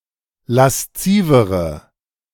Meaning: inflection of lasziv: 1. strong/mixed nominative/accusative feminine singular comparative degree 2. strong nominative/accusative plural comparative degree
- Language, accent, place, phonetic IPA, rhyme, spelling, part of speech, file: German, Germany, Berlin, [lasˈt͡siːvəʁə], -iːvəʁə, laszivere, adjective, De-laszivere.ogg